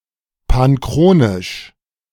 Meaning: panchronic
- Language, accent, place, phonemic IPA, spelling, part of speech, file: German, Germany, Berlin, /panˈkʁoːnɪʃ/, panchronisch, adjective, De-panchronisch.ogg